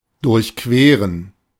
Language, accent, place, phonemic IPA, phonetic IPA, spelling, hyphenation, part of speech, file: German, Germany, Berlin, /dʊʁçˈkveːʁən/, [dʊɐ̯çˈkʰveːɐ̯n], durchqueren, durch‧que‧ren, verb, De-durchqueren.ogg
- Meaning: to cross, to walk across